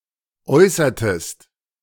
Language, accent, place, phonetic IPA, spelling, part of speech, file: German, Germany, Berlin, [ˈɔɪ̯sɐtəst], äußertest, verb, De-äußertest.ogg
- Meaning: inflection of äußern: 1. second-person singular preterite 2. second-person singular subjunctive II